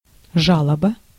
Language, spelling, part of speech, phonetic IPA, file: Russian, жалоба, noun, [ˈʐaɫəbə], Ru-жалоба.ogg
- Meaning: complaint